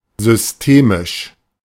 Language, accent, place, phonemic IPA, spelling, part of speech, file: German, Germany, Berlin, /zʏsteˈmɪʃ/, systemisch, adjective, De-systemisch.ogg
- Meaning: systemic